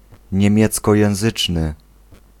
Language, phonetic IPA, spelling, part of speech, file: Polish, [ɲɛ̃ˈmʲjɛt͡skɔjɛ̃w̃ˈzɨt͡ʃnɨ], niemieckojęzyczny, adjective, Pl-niemieckojęzyczny.ogg